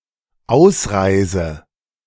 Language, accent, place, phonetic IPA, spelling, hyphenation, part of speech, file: German, Germany, Berlin, [ˈaʊ̯sˌʀaɪ̯zə], Ausreise, Aus‧rei‧se, noun, De-Ausreise.ogg
- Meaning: departure, exit (from a country)